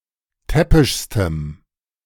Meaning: strong dative masculine/neuter singular superlative degree of täppisch
- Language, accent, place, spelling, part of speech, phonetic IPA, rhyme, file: German, Germany, Berlin, täppischstem, adjective, [ˈtɛpɪʃstəm], -ɛpɪʃstəm, De-täppischstem.ogg